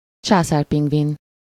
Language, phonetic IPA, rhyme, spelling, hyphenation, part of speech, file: Hungarian, [ˈt͡ʃaːsaːrpiŋɡvin], -in, császárpingvin, csá‧szár‧ping‧vin, noun, Hu-császárpingvin.ogg
- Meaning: emperor penguin (Aptenodytes forsteri)